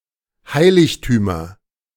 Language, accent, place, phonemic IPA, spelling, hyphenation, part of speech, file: German, Germany, Berlin, /ˈhaɪ̯lɪçtyːmɐ/, Heiligtümer, Hei‧lig‧tü‧mer, noun, De-Heiligtümer.ogg
- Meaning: nominative/accusative/genitive plural of Heiligtum